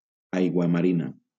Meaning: aquamarine (a variety of beryl)
- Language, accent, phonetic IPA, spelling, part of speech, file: Catalan, Valencia, [ˌaj.ɣwa.maˈɾi.na], aiguamarina, noun, LL-Q7026 (cat)-aiguamarina.wav